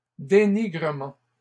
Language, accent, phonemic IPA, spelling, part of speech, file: French, Canada, /de.ni.ɡʁə.mɑ̃/, dénigrements, noun, LL-Q150 (fra)-dénigrements.wav
- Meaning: plural of dénigrement